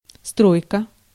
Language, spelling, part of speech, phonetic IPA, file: Russian, стройка, noun, [ˈstrojkə], Ru-стройка.ogg
- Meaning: 1. building, construction 2. project, construction project 3. construction site, project site